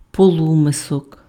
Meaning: shallow bowl or deep dish
- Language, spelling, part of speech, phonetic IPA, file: Ukrainian, полумисок, noun, [poˈɫumesɔk], Uk-полумисок.ogg